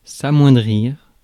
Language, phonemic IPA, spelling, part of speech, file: French, /a.mwɛ̃.dʁiʁ/, amoindrir, verb, Fr-amoindrir.ogg
- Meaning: 1. to lessen, degrade, decrease, shrink 2. to weaken 3. to shrink, wean, reduce